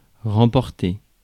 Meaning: 1. to take back, take away (again) 2. to win (election, championship etc.), to secure (a position)
- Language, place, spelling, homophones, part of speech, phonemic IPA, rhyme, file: French, Paris, remporter, remportai / remporté / remportée / remportées / remportés / remportez, verb, /ʁɑ̃.pɔʁ.te/, -e, Fr-remporter.ogg